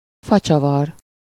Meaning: wood screw
- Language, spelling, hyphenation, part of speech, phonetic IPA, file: Hungarian, facsavar, fa‧csa‧var, noun, [ˈfɒt͡ʃɒvɒr], Hu-facsavar.ogg